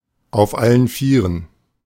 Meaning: on all fours
- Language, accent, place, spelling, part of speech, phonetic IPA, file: German, Germany, Berlin, auf allen vieren, adjective, [aʊ̯f ˈalən ˈfiːʁən], De-auf allen vieren.ogg